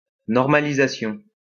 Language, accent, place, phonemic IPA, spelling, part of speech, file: French, France, Lyon, /nɔʁ.ma.li.za.sjɔ̃/, normalisation, noun, LL-Q150 (fra)-normalisation.wav
- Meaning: normalization